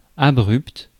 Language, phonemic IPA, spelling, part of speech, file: French, /a.bʁypt/, abrupt, adjective, Fr-abrupt.ogg
- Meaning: 1. Extremely steep, near vertical 2. curt and abrupt 3. Done or said forwardly and without caution to avoid shocking